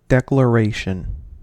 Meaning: 1. An emphatic or formal act of saying, telling or asserting something, by speech or writing; a decisive assertion or proclamation 2. Specifically, a declaration of love
- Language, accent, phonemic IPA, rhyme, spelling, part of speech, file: English, US, /ˌdɛk.ləˈɹeɪ.ʃən/, -eɪʃən, declaration, noun, En-us-declaration.ogg